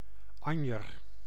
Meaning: 1. carnation (plant of genus Dianthus) 2. carnation (pink color)
- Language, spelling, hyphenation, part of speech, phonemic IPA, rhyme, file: Dutch, anjer, an‧jer, noun, /ˈɑn.jər/, -ɑnjər, Nl-anjer.ogg